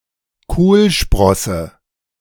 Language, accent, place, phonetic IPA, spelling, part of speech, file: German, Germany, Berlin, [ˈkoːlˌʃpʁɔsə], Kohlsprosse, noun, De-Kohlsprosse.ogg
- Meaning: Brussels sprout